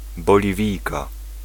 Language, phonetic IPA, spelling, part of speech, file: Polish, [ˌbɔlʲiˈvʲijka], Boliwijka, noun, Pl-Boliwijka.ogg